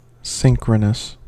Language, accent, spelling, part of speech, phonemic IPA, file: English, US, synchronous, adjective, /ˈsɪŋkɹənəs/, En-us-synchronous.ogg
- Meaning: At the same time, at the same frequency